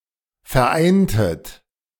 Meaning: inflection of vereinen: 1. second-person plural preterite 2. second-person plural subjunctive II
- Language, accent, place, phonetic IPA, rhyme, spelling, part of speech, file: German, Germany, Berlin, [fɛɐ̯ˈʔaɪ̯ntət], -aɪ̯ntət, vereintet, verb, De-vereintet.ogg